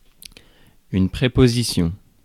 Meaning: preposition
- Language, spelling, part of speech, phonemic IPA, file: French, préposition, noun, /pʁe.po.zi.sjɔ̃/, Fr-préposition.ogg